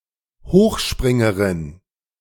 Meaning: female high jumper
- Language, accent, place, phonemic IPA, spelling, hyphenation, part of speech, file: German, Germany, Berlin, /ˈhoːxˌʃpʁɪŋəʁɪn/, Hochspringerin, Hoch‧sprin‧ge‧rin, noun, De-Hochspringerin.ogg